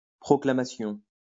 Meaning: proclamation; announcement
- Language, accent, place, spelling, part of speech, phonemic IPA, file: French, France, Lyon, proclamation, noun, /pʁɔ.kla.ma.sjɔ̃/, LL-Q150 (fra)-proclamation.wav